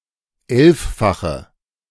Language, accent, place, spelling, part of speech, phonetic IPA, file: German, Germany, Berlin, elffache, adjective, [ˈɛlffaxə], De-elffache.ogg
- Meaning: inflection of elffach: 1. strong/mixed nominative/accusative feminine singular 2. strong nominative/accusative plural 3. weak nominative all-gender singular 4. weak accusative feminine/neuter singular